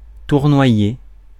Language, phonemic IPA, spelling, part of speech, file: French, /tuʁ.nwa.je/, tournoyer, verb, Fr-tournoyer.ogg
- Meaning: 1. to whirl, to swirl 2. to eddy, to swirl 3. to whirl, to swirl, to twirl, to whirl round, to swirl round, to twirl round 4. to circle, to circle round, to wheel